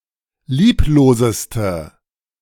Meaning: inflection of lieblos: 1. strong/mixed nominative/accusative feminine singular superlative degree 2. strong nominative/accusative plural superlative degree
- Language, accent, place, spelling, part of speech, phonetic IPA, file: German, Germany, Berlin, liebloseste, adjective, [ˈliːploːzəstə], De-liebloseste.ogg